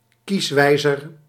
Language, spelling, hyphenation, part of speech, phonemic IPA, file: Dutch, kieswijzer, kies‧wij‧zer, noun, /ˈkisˌʋɛi̯.zər/, Nl-kieswijzer.ogg